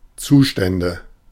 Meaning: nominative/accusative/genitive plural of Zustand
- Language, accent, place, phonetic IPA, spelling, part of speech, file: German, Germany, Berlin, [ˈt͡suːˌʃtɛndə], Zustände, noun, De-Zustände.ogg